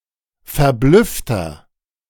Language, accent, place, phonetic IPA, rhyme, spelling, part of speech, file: German, Germany, Berlin, [fɛɐ̯ˈblʏftɐ], -ʏftɐ, verblüffter, adjective, De-verblüffter.ogg
- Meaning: 1. comparative degree of verblüfft 2. inflection of verblüfft: strong/mixed nominative masculine singular 3. inflection of verblüfft: strong genitive/dative feminine singular